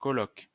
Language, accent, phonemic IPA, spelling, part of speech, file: French, France, /kɔ.lɔk/, coloc, noun, LL-Q150 (fra)-coloc.wav
- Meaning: 1. clipping of colocataire (“roomie, housemate, roommate”) 2. clipping of colocation (“flatshare, houseshare”)